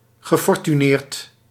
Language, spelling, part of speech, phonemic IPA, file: Dutch, gefortuneerd, adjective, /ɣəˌfɔrtyˈnert/, Nl-gefortuneerd.ogg
- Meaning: 1. fortunate, favored by fate 2. possessing a fortune, very affluent